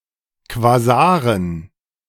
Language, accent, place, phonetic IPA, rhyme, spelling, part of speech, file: German, Germany, Berlin, [kvaˈzaːʁən], -aːʁən, Quasaren, noun, De-Quasaren.ogg
- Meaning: dative plural of Quasar